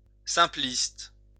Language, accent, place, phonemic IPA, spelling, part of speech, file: French, France, Lyon, /sɛ̃.plist/, simpliste, adjective, LL-Q150 (fra)-simpliste.wav
- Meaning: simplistic